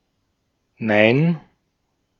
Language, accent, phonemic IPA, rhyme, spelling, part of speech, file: German, Austria, /naɪ̯n/, -aɪ̯n, nein, interjection, De-at-nein.ogg
- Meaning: no